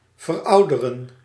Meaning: to age (become old)
- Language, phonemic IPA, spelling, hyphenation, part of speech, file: Dutch, /vərˈɔudərən/, verouderen, ver‧ou‧de‧ren, verb, Nl-verouderen.ogg